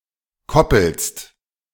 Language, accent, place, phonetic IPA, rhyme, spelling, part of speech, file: German, Germany, Berlin, [ˈkɔpl̩st], -ɔpl̩st, koppelst, verb, De-koppelst.ogg
- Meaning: second-person singular present of koppeln